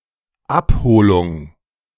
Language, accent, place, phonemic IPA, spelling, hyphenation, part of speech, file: German, Germany, Berlin, /ˈapˌhoːlʊŋ/, Abholung, Ab‧ho‧lung, noun, De-Abholung.ogg
- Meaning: collection, pickup